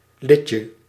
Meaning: diminutive of lid
- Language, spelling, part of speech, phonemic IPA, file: Dutch, lidje, noun, /ˈlɪcə/, Nl-lidje.ogg